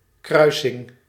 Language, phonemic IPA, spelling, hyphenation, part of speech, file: Dutch, /ˈkrœy̯sɪŋ/, kruising, krui‧sing, noun, Nl-kruising.ogg
- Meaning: 1. act or instance of crossing 2. crossing, crossroads, intersection 3. hybrid, cross